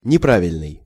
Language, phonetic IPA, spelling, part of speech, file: Russian, [nʲɪˈpravʲɪlʲnɨj], неправильный, adjective, Ru-неправильный.ogg
- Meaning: 1. incorrect, wrong 2. irregular